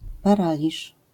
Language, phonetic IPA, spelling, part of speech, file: Polish, [paˈralʲiʃ], paraliż, noun, LL-Q809 (pol)-paraliż.wav